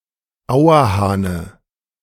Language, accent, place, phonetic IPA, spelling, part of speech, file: German, Germany, Berlin, [ˈaʊ̯ɐˌhaːnə], Auerhahne, noun, De-Auerhahne.ogg
- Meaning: dative singular of Auerhahn